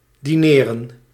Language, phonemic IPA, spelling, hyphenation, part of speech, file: Dutch, /diˈneːrə(n)/, dineren, di‧ne‧ren, verb, Nl-dineren.ogg
- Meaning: 1. to have a meal in the evening 2. to dine, to have dinner